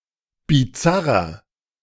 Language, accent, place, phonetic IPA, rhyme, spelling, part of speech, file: German, Germany, Berlin, [biˈt͡saʁɐ], -aʁɐ, bizarrer, adjective, De-bizarrer.ogg
- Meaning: 1. comparative degree of bizarr 2. inflection of bizarr: strong/mixed nominative masculine singular 3. inflection of bizarr: strong genitive/dative feminine singular